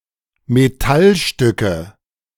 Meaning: nominative/accusative/genitive plural of Metallstück
- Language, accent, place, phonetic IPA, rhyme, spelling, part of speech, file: German, Germany, Berlin, [meˈtalˌʃtʏkə], -alʃtʏkə, Metallstücke, noun, De-Metallstücke.ogg